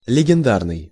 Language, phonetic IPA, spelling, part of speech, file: Russian, [lʲɪɡʲɪnˈdarnɨj], легендарный, adjective, Ru-легендарный.ogg
- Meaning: legendary